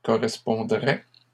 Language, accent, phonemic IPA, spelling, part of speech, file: French, Canada, /kɔ.ʁɛs.pɔ̃.dʁɛ/, correspondrait, verb, LL-Q150 (fra)-correspondrait.wav
- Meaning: third-person singular conditional of correspondre